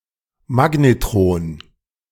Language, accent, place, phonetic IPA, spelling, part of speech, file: German, Germany, Berlin, [ˈmaɡnetʁoːn], Magnetron, noun, De-Magnetron.ogg
- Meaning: magnetron